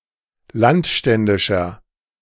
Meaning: inflection of landständisch: 1. strong/mixed nominative masculine singular 2. strong genitive/dative feminine singular 3. strong genitive plural
- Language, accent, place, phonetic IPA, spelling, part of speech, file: German, Germany, Berlin, [ˈlantˌʃtɛndɪʃɐ], landständischer, adjective, De-landständischer.ogg